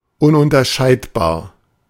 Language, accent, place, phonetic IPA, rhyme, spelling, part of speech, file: German, Germany, Berlin, [ˌʊnʔʊntɐˈʃaɪ̯tbaːɐ̯], -aɪ̯tbaːɐ̯, ununterscheidbar, adjective, De-ununterscheidbar.ogg
- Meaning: 1. indifferentiable 2. indiscernable 3. indiscriminable 4. indistinguishable